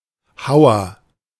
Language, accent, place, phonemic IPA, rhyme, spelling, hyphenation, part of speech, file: German, Germany, Berlin, /ˈhaʊ̯ɐ/, -aʊ̯ɐ, Hauer, Hau‧er, noun / proper noun, De-Hauer.ogg
- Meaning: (noun) 1. hewer, miner 2. the small, sharp tusk of a wild boar or similar animal; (proper noun) a surname